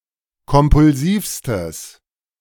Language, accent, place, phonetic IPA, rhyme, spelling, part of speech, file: German, Germany, Berlin, [kɔmpʊlˈziːfstəs], -iːfstəs, kompulsivstes, adjective, De-kompulsivstes.ogg
- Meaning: strong/mixed nominative/accusative neuter singular superlative degree of kompulsiv